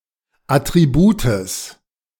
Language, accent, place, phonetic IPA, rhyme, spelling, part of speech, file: German, Germany, Berlin, [ˌatʁiˈbuːtəs], -uːtəs, Attributes, noun, De-Attributes.ogg
- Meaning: genitive of Attribut